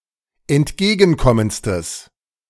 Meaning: strong/mixed nominative/accusative neuter singular superlative degree of entgegenkommend
- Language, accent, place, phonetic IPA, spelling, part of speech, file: German, Germany, Berlin, [ɛntˈɡeːɡn̩ˌkɔmənt͡stəs], entgegenkommendstes, adjective, De-entgegenkommendstes.ogg